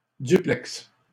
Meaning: 1. a link between two points, such as a cable or a wire 2. duplex, maisonette (dwelling) 3. duplex; building with two storeys, each constituting one apartment; such an apartment
- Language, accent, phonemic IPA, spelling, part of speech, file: French, Canada, /dy.plɛks/, duplex, noun, LL-Q150 (fra)-duplex.wav